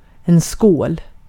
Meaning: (interjection) cheers (as a toast); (noun) 1. a bowl (container) 2. a toast (raising of glasses while drinking and saying "skål!" (cheers!) or the like)
- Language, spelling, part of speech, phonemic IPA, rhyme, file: Swedish, skål, interjection / noun, /skoːl/, -oːl, Sv-skål.ogg